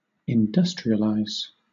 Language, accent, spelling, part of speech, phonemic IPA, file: English, Southern England, industrialize, verb, /ɪnˈdʌstɹiəlaɪz/, LL-Q1860 (eng)-industrialize.wav
- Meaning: 1. To develop industry; to become industrial 2. To organize along industrial lines